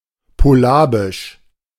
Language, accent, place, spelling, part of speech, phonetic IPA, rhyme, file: German, Germany, Berlin, polabisch, adjective, [poˈlaːbɪʃ], -aːbɪʃ, De-polabisch.ogg
- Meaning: Polabian (related to the Polabians or to the Polabian language)